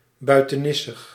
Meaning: 1. extravagant, weird, eccentric 2. tawdry, obtrusive, cloying
- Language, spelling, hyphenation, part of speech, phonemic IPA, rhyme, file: Dutch, buitenissig, bui‧te‧nis‧sig, adjective, /ˌbœy̯.təˈnɪ.səx/, -ɪsəx, Nl-buitenissig.ogg